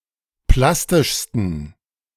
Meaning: 1. superlative degree of plastisch 2. inflection of plastisch: strong genitive masculine/neuter singular superlative degree
- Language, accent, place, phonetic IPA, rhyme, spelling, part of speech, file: German, Germany, Berlin, [ˈplastɪʃstn̩], -astɪʃstn̩, plastischsten, adjective, De-plastischsten.ogg